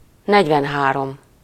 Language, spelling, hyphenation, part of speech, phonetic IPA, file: Hungarian, negyvenhárom, negy‧ven‧há‧rom, numeral, [ˈnɛɟvɛnɦaːrom], Hu-negyvenhárom.ogg
- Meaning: forty-three